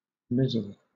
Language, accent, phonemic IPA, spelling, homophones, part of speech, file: English, Southern England, /ˈmɪzəɫ/, misle, mizzle, noun / verb, LL-Q1860 (eng)-misle.wav
- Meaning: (noun) A fine rain or thick mist; mizzle; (verb) To rain in fine drops; to mizzle